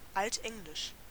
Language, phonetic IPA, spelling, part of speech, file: German, [ˈaltˌʔɛŋlɪʃ], altenglisch, adjective, De-altenglisch.ogg
- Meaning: Anglo-Saxon (related to the Old English language)